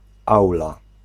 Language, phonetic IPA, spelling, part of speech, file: Polish, [ˈawla], aula, noun, Pl-aula.ogg